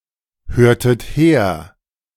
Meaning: inflection of herhören: 1. second-person plural preterite 2. second-person plural subjunctive II
- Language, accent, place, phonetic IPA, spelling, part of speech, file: German, Germany, Berlin, [ˌhøːɐ̯tət ˈheːɐ̯], hörtet her, verb, De-hörtet her.ogg